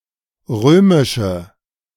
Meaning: inflection of römisch: 1. strong/mixed nominative/accusative feminine singular 2. strong nominative/accusative plural 3. weak nominative all-gender singular 4. weak accusative feminine/neuter singular
- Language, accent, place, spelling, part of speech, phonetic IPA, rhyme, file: German, Germany, Berlin, römische, adjective, [ˈʁøːmɪʃə], -øːmɪʃə, De-römische.ogg